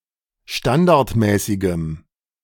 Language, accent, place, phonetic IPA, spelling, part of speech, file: German, Germany, Berlin, [ˈʃtandaʁtˌmɛːsɪɡəm], standardmäßigem, adjective, De-standardmäßigem.ogg
- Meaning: strong dative masculine/neuter singular of standardmäßig